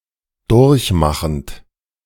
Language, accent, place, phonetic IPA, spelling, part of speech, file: German, Germany, Berlin, [ˈdʊʁçˌmaxn̩t], durchmachend, verb, De-durchmachend.ogg
- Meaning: present participle of durchmachen